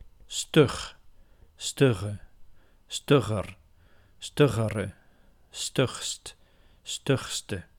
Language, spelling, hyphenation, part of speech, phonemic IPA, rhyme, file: Dutch, stug, stug, adjective, /stʏx/, -ʏx, Nl-stug.ogg
- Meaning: 1. stiff, resistant, inflexible 2. headstrong, inflexible